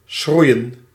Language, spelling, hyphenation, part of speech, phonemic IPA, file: Dutch, schroeien, schroe‧ien, verb, /ˈsxrui̯.ə(n)/, Nl-schroeien.ogg
- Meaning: to singe, to scorch